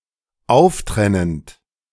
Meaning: present participle of auftrennen
- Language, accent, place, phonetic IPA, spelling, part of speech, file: German, Germany, Berlin, [ˈaʊ̯fˌtʁɛnənt], auftrennend, verb, De-auftrennend.ogg